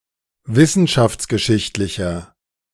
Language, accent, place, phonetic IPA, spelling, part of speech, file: German, Germany, Berlin, [ˈvɪsn̩ʃaft͡sɡəˌʃɪçtlɪçɐ], wissenschaftsgeschichtlicher, adjective, De-wissenschaftsgeschichtlicher.ogg
- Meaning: inflection of wissenschaftsgeschichtlich: 1. strong/mixed nominative masculine singular 2. strong genitive/dative feminine singular 3. strong genitive plural